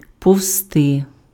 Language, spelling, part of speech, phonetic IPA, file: Ukrainian, повзти, verb, [pɔu̯zˈtɪ], Uk-повзти.ogg
- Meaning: to creep, to crawl